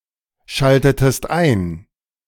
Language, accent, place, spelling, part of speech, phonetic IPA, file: German, Germany, Berlin, schaltetest ein, verb, [ˌʃaltətəst ˈaɪ̯n], De-schaltetest ein.ogg
- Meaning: inflection of einschalten: 1. second-person singular preterite 2. second-person singular subjunctive II